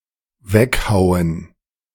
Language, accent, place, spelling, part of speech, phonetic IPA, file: German, Germany, Berlin, weghauen, verb, [ˈvɛkhaʊ̯ən], De-weghauen.ogg
- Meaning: 1. to hew, cut off 2. to separate (by hitting with an axe, etc.) 3. to dispose, to junk, to throw away